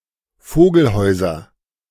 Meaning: nominative/accusative/genitive plural of Vogelhaus
- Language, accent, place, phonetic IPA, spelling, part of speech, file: German, Germany, Berlin, [ˈfoːɡl̩ˌhɔɪ̯zɐ], Vogelhäuser, noun, De-Vogelhäuser.ogg